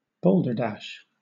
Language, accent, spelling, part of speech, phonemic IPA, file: English, Southern England, balderdash, noun / verb, /ˈbɔːldə.dæʃ/, LL-Q1860 (eng)-balderdash.wav
- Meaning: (noun) 1. Senseless talk or writing; nonsense 2. A worthless mixture, especially of liquors 3. Obscene language or writing; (verb) To mix or adulterate